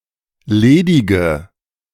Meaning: inflection of ledig: 1. strong/mixed nominative/accusative feminine singular 2. strong nominative/accusative plural 3. weak nominative all-gender singular 4. weak accusative feminine/neuter singular
- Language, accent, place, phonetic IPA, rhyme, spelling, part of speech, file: German, Germany, Berlin, [ˈleːdɪɡə], -eːdɪɡə, ledige, adjective, De-ledige.ogg